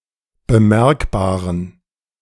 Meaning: inflection of bemerkbar: 1. strong genitive masculine/neuter singular 2. weak/mixed genitive/dative all-gender singular 3. strong/weak/mixed accusative masculine singular 4. strong dative plural
- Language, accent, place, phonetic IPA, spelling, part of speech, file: German, Germany, Berlin, [bəˈmɛʁkbaːʁən], bemerkbaren, adjective, De-bemerkbaren.ogg